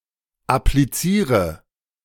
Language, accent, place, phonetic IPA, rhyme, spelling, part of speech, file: German, Germany, Berlin, [apliˈt͡siːʁə], -iːʁə, appliziere, verb, De-appliziere.ogg
- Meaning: inflection of applizieren: 1. first-person singular present 2. first/third-person singular subjunctive I 3. singular imperative